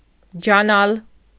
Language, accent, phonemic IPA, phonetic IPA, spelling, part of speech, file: Armenian, Eastern Armenian, /d͡ʒɑˈnɑl/, [d͡ʒɑnɑ́l], ջանալ, verb, Hy-ջանալ.ogg
- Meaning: to exert oneself, to try